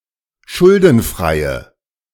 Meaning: inflection of schuldenfrei: 1. strong/mixed nominative/accusative feminine singular 2. strong nominative/accusative plural 3. weak nominative all-gender singular
- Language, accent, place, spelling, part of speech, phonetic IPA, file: German, Germany, Berlin, schuldenfreie, adjective, [ˈʃʊldn̩ˌfʁaɪ̯ə], De-schuldenfreie.ogg